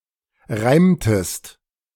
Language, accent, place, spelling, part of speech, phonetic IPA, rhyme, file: German, Germany, Berlin, reimtest, verb, [ˈʁaɪ̯mtəst], -aɪ̯mtəst, De-reimtest.ogg
- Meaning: inflection of reimen: 1. second-person singular preterite 2. second-person singular subjunctive II